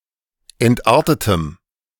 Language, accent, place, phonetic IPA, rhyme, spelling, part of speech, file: German, Germany, Berlin, [ˌɛntˈʔaʁtətəm], -aʁtətəm, entartetem, adjective, De-entartetem.ogg
- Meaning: strong dative masculine/neuter singular of entartet